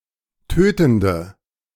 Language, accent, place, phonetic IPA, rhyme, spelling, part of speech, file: German, Germany, Berlin, [ˈtøːtn̩də], -øːtn̩də, tötende, adjective, De-tötende.ogg
- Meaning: inflection of tötend: 1. strong/mixed nominative/accusative feminine singular 2. strong nominative/accusative plural 3. weak nominative all-gender singular 4. weak accusative feminine/neuter singular